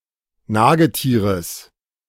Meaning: genitive singular of Nagetier
- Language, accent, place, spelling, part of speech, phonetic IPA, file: German, Germany, Berlin, Nagetieres, noun, [ˈnaːɡəˌtiːʁəs], De-Nagetieres.ogg